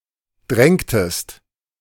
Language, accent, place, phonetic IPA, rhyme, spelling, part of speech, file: German, Germany, Berlin, [ˈdʁɛŋtəst], -ɛŋtəst, drängtest, verb, De-drängtest.ogg
- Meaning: inflection of drängen: 1. second-person singular preterite 2. second-person singular subjunctive II